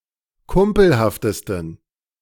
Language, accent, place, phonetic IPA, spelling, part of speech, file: German, Germany, Berlin, [ˈkʊmpl̩haftəstn̩], kumpelhaftesten, adjective, De-kumpelhaftesten.ogg
- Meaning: 1. superlative degree of kumpelhaft 2. inflection of kumpelhaft: strong genitive masculine/neuter singular superlative degree